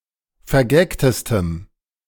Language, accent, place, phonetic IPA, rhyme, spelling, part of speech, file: German, Germany, Berlin, [fɛɐ̯ˈɡɛktəstəm], -ɛktəstəm, vergagtestem, adjective, De-vergagtestem.ogg
- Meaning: strong dative masculine/neuter singular superlative degree of vergagt